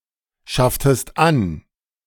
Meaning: inflection of anschaffen: 1. second-person singular preterite 2. second-person singular subjunctive II
- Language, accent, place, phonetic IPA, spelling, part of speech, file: German, Germany, Berlin, [ˌʃaftəst ˈan], schafftest an, verb, De-schafftest an.ogg